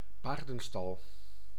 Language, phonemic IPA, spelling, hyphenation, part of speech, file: Dutch, /ˈpardəˌstɑɫ/, paardenstal, paar‧den‧stal, noun, Nl-paardenstal.ogg
- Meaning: horse stable